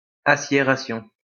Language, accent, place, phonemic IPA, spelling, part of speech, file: French, France, Lyon, /a.sje.ʁa.sjɔ̃/, aciération, noun, LL-Q150 (fra)-aciération.wav
- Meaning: synonym of aciérage